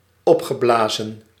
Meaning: past participle of opblazen
- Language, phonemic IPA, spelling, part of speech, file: Dutch, /ˈɔpxəˌblazə(n)/, opgeblazen, verb, Nl-opgeblazen.ogg